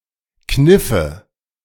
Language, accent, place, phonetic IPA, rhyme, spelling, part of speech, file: German, Germany, Berlin, [ˈknɪfə], -ɪfə, kniffe, verb, De-kniffe.ogg
- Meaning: first/third-person singular subjunctive II of kneifen